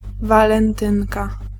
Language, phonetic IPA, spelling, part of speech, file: Polish, [ˌvalɛ̃nˈtɨ̃nka], walentynka, noun, Pl-walentynka.ogg